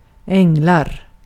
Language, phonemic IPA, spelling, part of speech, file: Swedish, /ˈɛŋːɛl/, ängel, noun, Sv-ängel.ogg
- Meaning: an angel